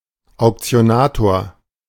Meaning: auctioneer
- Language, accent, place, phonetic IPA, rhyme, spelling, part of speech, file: German, Germany, Berlin, [aʊ̯kt͡si̯oˈnaːtoːɐ̯], -aːtoːɐ̯, Auktionator, noun, De-Auktionator.ogg